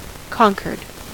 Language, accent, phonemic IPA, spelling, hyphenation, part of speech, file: English, US, /ˈkɑŋkɚd/, conquered, con‧quered, verb, En-us-conquered.ogg
- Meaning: simple past and past participle of conquer